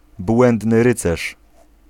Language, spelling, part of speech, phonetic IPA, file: Polish, błędny rycerz, noun, [ˈbwɛ̃ndnɨ ˈrɨt͡sɛʃ], Pl-błędny rycerz.ogg